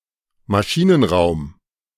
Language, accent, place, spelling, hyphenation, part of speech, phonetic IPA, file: German, Germany, Berlin, Maschinenraum, Ma‧schi‧nen‧raum, noun, [maˈʃiːnənˌʁaʊ̯m], De-Maschinenraum.ogg
- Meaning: engine room